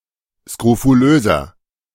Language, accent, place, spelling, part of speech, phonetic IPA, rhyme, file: German, Germany, Berlin, skrofulöser, adjective, [skʁofuˈløːzɐ], -øːzɐ, De-skrofulöser.ogg
- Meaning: 1. comparative degree of skrofulös 2. inflection of skrofulös: strong/mixed nominative masculine singular 3. inflection of skrofulös: strong genitive/dative feminine singular